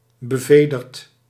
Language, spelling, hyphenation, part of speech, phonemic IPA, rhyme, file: Dutch, bevederd, be‧ve‧derd, adjective, /bəˈveː.dərt/, -eːdərt, Nl-bevederd.ogg
- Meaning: feathered